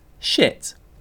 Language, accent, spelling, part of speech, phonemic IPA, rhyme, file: English, UK, shit, noun / adjective / verb / interjection, /ʃɪt/, -ɪt, En-uk-shit.ogg
- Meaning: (noun) 1. Usually solid excretory product evacuated from the bowels; feces 2. The act of shitting 3. Rubbish; worthless matter 4. Stuff, things 5. (the shit) The best of its kind